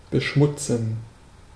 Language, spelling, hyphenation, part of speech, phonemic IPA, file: German, beschmutzen, be‧schmut‧zen, verb, /bəˈʃmʊt͡sn̩/, De-beschmutzen.ogg
- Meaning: to make dirty, stain (also figurative)